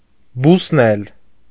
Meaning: 1. to grow, to germinate 2. to appear suddenly
- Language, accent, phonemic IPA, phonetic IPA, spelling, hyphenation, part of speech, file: Armenian, Eastern Armenian, /busˈnel/, [busnél], բուսնել, բուս‧նել, verb, Hy-բուսնել.ogg